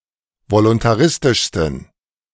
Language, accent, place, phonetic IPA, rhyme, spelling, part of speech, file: German, Germany, Berlin, [volʊntaˈʁɪstɪʃstn̩], -ɪstɪʃstn̩, voluntaristischsten, adjective, De-voluntaristischsten.ogg
- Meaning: 1. superlative degree of voluntaristisch 2. inflection of voluntaristisch: strong genitive masculine/neuter singular superlative degree